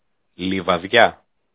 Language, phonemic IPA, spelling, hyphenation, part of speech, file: Greek, /livaˈðʝa/, Λιβαδειά, Λι‧βα‧δειά, proper noun, El-Λιβαδειά.ogg
- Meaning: Lebadea, Livadeia (a large town in Boeotia, Greece)